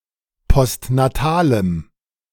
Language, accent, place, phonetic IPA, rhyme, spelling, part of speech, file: German, Germany, Berlin, [pɔstnaˈtaːləm], -aːləm, postnatalem, adjective, De-postnatalem.ogg
- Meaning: strong dative masculine/neuter singular of postnatal